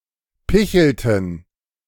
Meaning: inflection of picheln: 1. first/third-person plural preterite 2. first/third-person plural subjunctive II
- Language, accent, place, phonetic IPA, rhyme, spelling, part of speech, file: German, Germany, Berlin, [ˈpɪçl̩tn̩], -ɪçl̩tn̩, pichelten, verb, De-pichelten.ogg